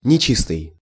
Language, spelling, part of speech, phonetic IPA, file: Russian, нечистый, adjective / noun, [nʲɪˈt͡ɕistɨj], Ru-нечистый.ogg
- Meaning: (adjective) 1. dirty, unclean 2. defective, sloppy, inaccurate 3. dishonest, morally bankrupt 4. impure 5. evil, diabolical; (noun) devil